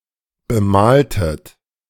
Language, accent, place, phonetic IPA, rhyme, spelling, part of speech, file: German, Germany, Berlin, [bəˈmaːltət], -aːltət, bemaltet, verb, De-bemaltet.ogg
- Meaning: inflection of bemalen: 1. second-person plural preterite 2. second-person plural subjunctive II